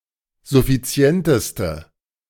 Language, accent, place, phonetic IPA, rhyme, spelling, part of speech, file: German, Germany, Berlin, [zʊfiˈt͡si̯ɛntəstə], -ɛntəstə, suffizienteste, adjective, De-suffizienteste.ogg
- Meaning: inflection of suffizient: 1. strong/mixed nominative/accusative feminine singular superlative degree 2. strong nominative/accusative plural superlative degree